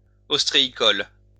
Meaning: oyster; oyster farming
- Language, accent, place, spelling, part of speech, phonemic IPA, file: French, France, Lyon, ostréicole, adjective, /ɔs.tʁe.i.kɔl/, LL-Q150 (fra)-ostréicole.wav